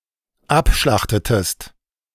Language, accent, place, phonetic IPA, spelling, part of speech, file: German, Germany, Berlin, [ˈapˌʃlaxtətəst], abschlachtetest, verb, De-abschlachtetest.ogg
- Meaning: inflection of abschlachten: 1. second-person singular dependent preterite 2. second-person singular dependent subjunctive II